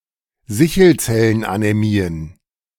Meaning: plural of Sichelzellenanämie
- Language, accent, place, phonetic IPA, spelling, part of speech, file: German, Germany, Berlin, [ˈzɪçl̩t͡sɛlənʔanɛˌmiːən], Sichelzellenanämien, noun, De-Sichelzellenanämien.ogg